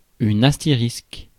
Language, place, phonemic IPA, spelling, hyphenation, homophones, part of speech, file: French, Paris, /as.te.ʁisk/, astérisque, as‧té‧risque, astérisques, noun, Fr-astérisque.ogg
- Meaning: asterisk (punctuation symbol)